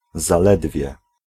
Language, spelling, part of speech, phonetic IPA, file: Polish, zaledwie, particle / conjunction, [zaˈlɛdvʲjɛ], Pl-zaledwie.ogg